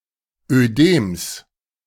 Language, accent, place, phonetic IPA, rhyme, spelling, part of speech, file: German, Germany, Berlin, [øˈdeːms], -eːms, Ödems, noun, De-Ödems.ogg
- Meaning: genitive singular of Ödem